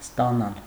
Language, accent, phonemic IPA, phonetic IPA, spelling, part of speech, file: Armenian, Eastern Armenian, /stɑˈnɑl/, [stɑnɑ́l], ստանալ, verb, Hy-ստանալ.ogg
- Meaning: 1. to receive, to get; to obtain 2. to extract